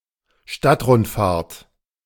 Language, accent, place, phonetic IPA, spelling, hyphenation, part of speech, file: German, Germany, Berlin, [ˈʃtatʁʊntˌfaːɐ̯t], Stadtrundfahrt, Stadt‧rund‧fahrt, noun, De-Stadtrundfahrt.ogg
- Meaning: city tour (guided tour of a city, often by bus)